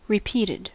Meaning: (verb) simple past and past participle of repeat; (adjective) Having been said or done again
- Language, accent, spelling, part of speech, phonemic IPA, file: English, US, repeated, verb / adjective, /ɹɪˈpiːtɪd/, En-us-repeated.ogg